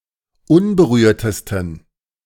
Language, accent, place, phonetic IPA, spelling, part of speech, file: German, Germany, Berlin, [ˈʊnbəˌʁyːɐ̯təstn̩], unberührtesten, adjective, De-unberührtesten.ogg
- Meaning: 1. superlative degree of unberührt 2. inflection of unberührt: strong genitive masculine/neuter singular superlative degree